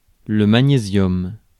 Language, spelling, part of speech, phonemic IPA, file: French, magnésium, noun, /ma.ɲe.zjɔm/, Fr-magnésium.ogg
- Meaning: magnesium